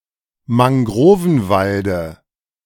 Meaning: dative singular of Mangrovenwald
- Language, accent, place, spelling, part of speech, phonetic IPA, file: German, Germany, Berlin, Mangrovenwalde, noun, [maŋˈɡʁoːvn̩ˌvaldə], De-Mangrovenwalde.ogg